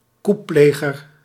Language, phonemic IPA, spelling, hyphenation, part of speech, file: Dutch, /ˈku(p)ˌpleː.ɣər/, couppleger, coup‧ple‧ger, noun, Nl-couppleger.ogg
- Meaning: a putschist, one who perpetrates a coup d'état